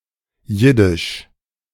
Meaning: Yiddish (of or pertaining to the Yiddish language)
- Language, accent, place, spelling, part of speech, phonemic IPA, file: German, Germany, Berlin, jiddisch, adjective, /jɪdɪʃ/, De-jiddisch2.ogg